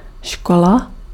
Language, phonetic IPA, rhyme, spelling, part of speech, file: Czech, [ˈʃkola], -ola, škola, noun, Cs-škola.ogg
- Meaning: school